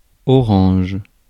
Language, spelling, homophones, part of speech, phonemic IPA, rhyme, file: French, orange, orangent / oranges, noun / adjective, /ɔ.ʁɑ̃ʒ/, -ɑ̃ʒ, Fr-orange.ogg
- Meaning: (noun) 1. orange (fruit) 2. orange (colour); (adjective) orange (orange-coloured)